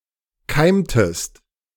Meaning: inflection of keimen: 1. second-person singular preterite 2. second-person singular subjunctive II
- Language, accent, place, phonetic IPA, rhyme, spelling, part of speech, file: German, Germany, Berlin, [ˈkaɪ̯mtəst], -aɪ̯mtəst, keimtest, verb, De-keimtest.ogg